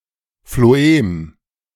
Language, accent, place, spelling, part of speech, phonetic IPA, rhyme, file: German, Germany, Berlin, Phloem, noun, [floˈeːm], -eːm, De-Phloem.ogg
- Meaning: phloem